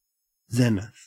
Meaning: 1. The point in the sky vertically above a given position or observer; the point in the celestial sphere opposite the nadir 2. The highest point in the sky reached by a celestial body
- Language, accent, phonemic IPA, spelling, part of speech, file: English, Australia, /ˈzɛn.ɪθ/, zenith, noun, En-au-zenith.ogg